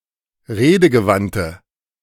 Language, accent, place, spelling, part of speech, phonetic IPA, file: German, Germany, Berlin, redegewandte, adjective, [ˈʁeːdəɡəˌvantə], De-redegewandte.ogg
- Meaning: inflection of redegewandt: 1. strong/mixed nominative/accusative feminine singular 2. strong nominative/accusative plural 3. weak nominative all-gender singular